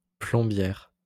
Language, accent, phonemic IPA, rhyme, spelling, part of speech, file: French, France, /plɔ̃.bjɛʁ/, -ɛʁ, plombière, noun, LL-Q150 (fra)-plombière.wav
- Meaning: female equivalent of plombier